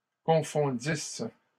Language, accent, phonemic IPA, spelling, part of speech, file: French, Canada, /kɔ̃.fɔ̃.dis/, confondisses, verb, LL-Q150 (fra)-confondisses.wav
- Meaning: second-person singular imperfect subjunctive of confondre